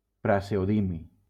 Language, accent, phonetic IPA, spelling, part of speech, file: Catalan, Valencia, [pɾa.ze.oˈði.mi], praseodimi, noun, LL-Q7026 (cat)-praseodimi.wav
- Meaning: praseodymium